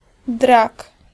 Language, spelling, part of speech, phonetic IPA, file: Polish, drag, noun, [drak], Pl-drag.ogg